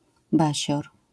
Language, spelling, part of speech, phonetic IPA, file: Polish, basior, noun, [ˈbaɕɔr], LL-Q809 (pol)-basior.wav